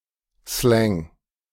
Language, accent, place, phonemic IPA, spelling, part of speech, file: German, Germany, Berlin, /slɛŋ/, Slang, noun, De-Slang.ogg
- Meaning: slang